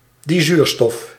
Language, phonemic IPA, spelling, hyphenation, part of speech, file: Dutch, /ˌdiˈzyːr.stɔf/, dizuurstof, di‧zuur‧stof, noun, Nl-dizuurstof.ogg
- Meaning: dioxygen (O₂)